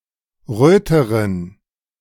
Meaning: inflection of rot: 1. strong genitive masculine/neuter singular comparative degree 2. weak/mixed genitive/dative all-gender singular comparative degree
- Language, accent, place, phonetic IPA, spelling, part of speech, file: German, Germany, Berlin, [ˈʁøːtəʁən], röteren, adjective, De-röteren.ogg